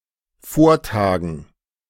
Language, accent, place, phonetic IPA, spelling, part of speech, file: German, Germany, Berlin, [ˈfoːɐ̯ˌtaːɡn̩], Vortagen, noun, De-Vortagen.ogg
- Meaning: dative plural of Vortag